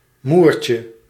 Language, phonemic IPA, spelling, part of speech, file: Dutch, /ˈmurcə/, moertje, noun, Nl-moertje.ogg
- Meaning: diminutive of moer